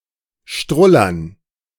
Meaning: to urinate
- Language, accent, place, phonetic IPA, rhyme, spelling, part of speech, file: German, Germany, Berlin, [ˈʃtʁʊlɐn], -ʊlɐn, strullern, verb, De-strullern.ogg